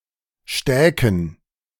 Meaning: first-person plural subjunctive II of stecken
- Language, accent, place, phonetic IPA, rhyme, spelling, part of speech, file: German, Germany, Berlin, [ˈʃtɛːkn̩], -ɛːkn̩, stäken, verb, De-stäken.ogg